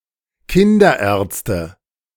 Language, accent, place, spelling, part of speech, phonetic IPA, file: German, Germany, Berlin, Kinderärzte, noun, [ˈkɪndɐˌʔɛːɐ̯t͡stə], De-Kinderärzte.ogg
- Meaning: nominative/accusative/genitive plural of Kinderarzt